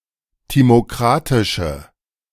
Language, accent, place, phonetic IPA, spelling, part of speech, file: German, Germany, Berlin, [ˌtimoˈkʁatɪʃə], timokratische, adjective, De-timokratische.ogg
- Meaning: inflection of timokratisch: 1. strong/mixed nominative/accusative feminine singular 2. strong nominative/accusative plural 3. weak nominative all-gender singular